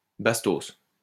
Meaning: bullet; projectile of a firearm
- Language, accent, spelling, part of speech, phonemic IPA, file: French, France, bastos, noun, /bas.tos/, LL-Q150 (fra)-bastos.wav